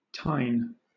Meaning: 1. A spike or point on an implement or tool, especially a prong of a fork or a tooth of a comb 2. A small branch, especially on an antler or horn 3. A wild vetch or tare
- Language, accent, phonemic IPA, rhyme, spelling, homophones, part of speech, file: English, Southern England, /taɪn/, -aɪn, tine, Tyne, noun, LL-Q1860 (eng)-tine.wav